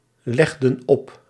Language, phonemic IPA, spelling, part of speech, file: Dutch, /ˈlɛɣdə(n) ˈɔp/, legden op, verb, Nl-legden op.ogg
- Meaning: inflection of opleggen: 1. plural past indicative 2. plural past subjunctive